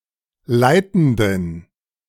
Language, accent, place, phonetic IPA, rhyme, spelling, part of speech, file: German, Germany, Berlin, [ˈlaɪ̯tn̩dən], -aɪ̯tn̩dən, leitenden, adjective, De-leitenden.ogg
- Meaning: inflection of leitend: 1. strong genitive masculine/neuter singular 2. weak/mixed genitive/dative all-gender singular 3. strong/weak/mixed accusative masculine singular 4. strong dative plural